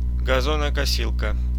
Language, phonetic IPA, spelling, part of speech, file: Russian, [ɡɐˌzonəkɐˈsʲiɫkə], газонокосилка, noun, Ru-газонокосилка.ogg
- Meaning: lawnmower